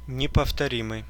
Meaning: 1. unique, unmatched, inimitable 2. unrepeatable
- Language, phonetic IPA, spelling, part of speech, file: Russian, [nʲɪpəftɐˈrʲimɨj], неповторимый, adjective, Ru-неповторимый.ogg